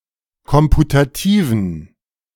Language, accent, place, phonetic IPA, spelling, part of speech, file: German, Germany, Berlin, [ˈkɔmputatiːvn̩], komputativen, adjective, De-komputativen.ogg
- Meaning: inflection of komputativ: 1. strong genitive masculine/neuter singular 2. weak/mixed genitive/dative all-gender singular 3. strong/weak/mixed accusative masculine singular 4. strong dative plural